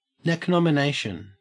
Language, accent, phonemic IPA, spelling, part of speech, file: English, Australia, /ˈnɛk nɔmɪˈneɪʃən/, neknomination, noun, En-au-neknomination.ogg